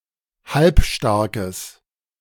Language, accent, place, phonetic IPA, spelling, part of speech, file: German, Germany, Berlin, [ˈhalpˌʃtaʁkəs], halbstarkes, adjective, De-halbstarkes.ogg
- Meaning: strong/mixed nominative/accusative neuter singular of halbstark